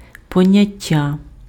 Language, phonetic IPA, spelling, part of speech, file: Ukrainian, [pɔˈnʲatʲːɐ], поняття, noun, Uk-поняття.ogg
- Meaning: 1. concept (an abstract idea generalized from particular instances) 2. conception, idea (someone's understanding of a topic or situation)